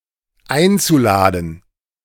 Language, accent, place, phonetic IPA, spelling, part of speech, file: German, Germany, Berlin, [ˈaɪ̯nt͡suˌlaːdn̩], einzuladen, verb, De-einzuladen.ogg
- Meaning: zu-infinitive of einladen